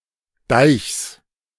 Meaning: genitive singular of Deich
- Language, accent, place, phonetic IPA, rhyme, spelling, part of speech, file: German, Germany, Berlin, [daɪ̯çs], -aɪ̯çs, Deichs, noun, De-Deichs.ogg